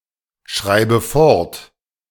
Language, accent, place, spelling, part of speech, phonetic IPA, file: German, Germany, Berlin, schreibe fort, verb, [ˌʃʁaɪ̯bə ˈfɔʁt], De-schreibe fort.ogg
- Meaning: inflection of fortschreiben: 1. first-person singular present 2. first/third-person singular subjunctive I 3. singular imperative